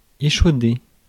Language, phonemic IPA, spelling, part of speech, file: French, /e.ʃo.de/, échauder, verb, Fr-échauder.ogg
- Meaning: to scald